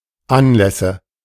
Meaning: nominative/accusative/genitive plural of Anlass
- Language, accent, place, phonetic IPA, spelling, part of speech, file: German, Germany, Berlin, [ˈanlɛsə], Anlässe, noun, De-Anlässe.ogg